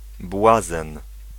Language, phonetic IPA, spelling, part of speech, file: Polish, [ˈbwazɛ̃n], błazen, noun, Pl-błazen.ogg